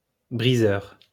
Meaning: breaker (one that breaks)
- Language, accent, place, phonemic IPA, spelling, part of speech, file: French, France, Lyon, /bʁi.zœʁ/, briseur, noun, LL-Q150 (fra)-briseur.wav